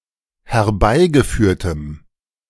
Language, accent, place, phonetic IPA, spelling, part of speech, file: German, Germany, Berlin, [hɛɐ̯ˈbaɪ̯ɡəˌfyːɐ̯təm], herbeigeführtem, adjective, De-herbeigeführtem.ogg
- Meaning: strong dative masculine/neuter singular of herbeigeführt